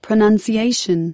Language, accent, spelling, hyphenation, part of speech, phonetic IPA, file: English, US, pronunciation, pro‧nun‧ci‧a‧tion, noun, [pʰɹəˌnʌn.siˈeɪ.ʃn̩], En-us-pronunciation.ogg
- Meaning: 1. The way in which a word, phrase, letter, character etc. is made to sound when spoken 2. The characteristic sounds of a particular language, accent, or individual's speech